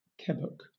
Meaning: A whole wheel or ball of cheese
- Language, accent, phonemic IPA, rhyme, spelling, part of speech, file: English, Southern England, /ˈkɛbək/, -ɛbək, kebbuck, noun, LL-Q1860 (eng)-kebbuck.wav